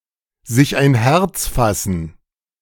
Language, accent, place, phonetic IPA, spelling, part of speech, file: German, Germany, Berlin, [zɪç aɪ̯n ˈhɛʁt͡s ˌfasn̩], sich ein Herz fassen, phrase, De-sich ein Herz fassen.ogg
- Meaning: to pluck up courage